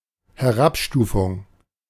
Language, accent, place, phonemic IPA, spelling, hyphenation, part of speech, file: German, Germany, Berlin, /hɛˈʁapˌʃtuːfʊŋ/, Herabstufung, He‧r‧ab‧stu‧fung, noun, De-Herabstufung.ogg
- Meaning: 1. downgrading, downgrade 2. demotion